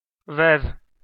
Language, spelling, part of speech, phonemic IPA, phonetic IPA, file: Armenian, վեվ, noun, /vev/, [vev], Hy-վեվ.ogg
- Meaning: the name of the Armenian letter վ (v)